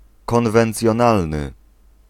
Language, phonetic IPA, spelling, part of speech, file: Polish, [ˌkɔ̃nvɛ̃nt͡sʲjɔ̃ˈnalnɨ], konwencjonalny, adjective, Pl-konwencjonalny.ogg